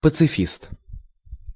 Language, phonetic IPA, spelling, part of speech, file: Russian, [pət͡sɨˈfʲist], пацифист, noun, Ru-пацифист.ogg
- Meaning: pacifist